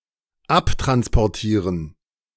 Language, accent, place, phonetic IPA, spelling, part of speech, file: German, Germany, Berlin, [ˈaptʁanspɔʁˌtiːʁən], abtransportieren, verb, De-abtransportieren.ogg
- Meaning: 1. to transport away 2. to evacuate